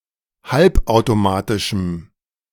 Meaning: strong dative masculine/neuter singular of halbautomatisch
- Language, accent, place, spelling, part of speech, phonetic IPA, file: German, Germany, Berlin, halbautomatischem, adjective, [ˈhalpʔaʊ̯toˌmaːtɪʃm̩], De-halbautomatischem.ogg